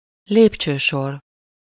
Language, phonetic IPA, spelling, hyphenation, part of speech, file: Hungarian, [ˈleːpt͡ʃøːʃor], lépcsősor, lép‧cső‧sor, noun, Hu-lépcsősor.ogg
- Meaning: stair, stairway, flight of stairs